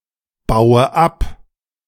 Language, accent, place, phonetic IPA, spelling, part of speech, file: German, Germany, Berlin, [ˌbaʊ̯ə ˈap], baue ab, verb, De-baue ab.ogg
- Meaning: inflection of abbauen: 1. first-person singular present 2. first/third-person singular subjunctive I 3. singular imperative